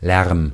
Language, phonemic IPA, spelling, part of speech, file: German, /lɛʁm/, Lärm, noun, De-Lärm.ogg
- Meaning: noise, din, racket